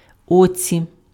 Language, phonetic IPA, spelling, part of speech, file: Ukrainian, [ˈɔt͡sʲi], оці, noun, Uk-оці.ogg
- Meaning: locative singular of о́ко (óko)